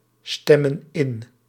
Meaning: inflection of instemmen: 1. plural present indicative 2. plural present subjunctive
- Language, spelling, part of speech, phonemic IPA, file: Dutch, stemmen in, verb, /ˈstɛmə(n) ˈɪn/, Nl-stemmen in.ogg